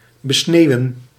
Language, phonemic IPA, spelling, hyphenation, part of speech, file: Dutch, /bəˈsneːu̯ə(n)/, besneeuwen, be‧sneeu‧wen, verb, Nl-besneeuwen.ogg
- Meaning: to besnow, to snow on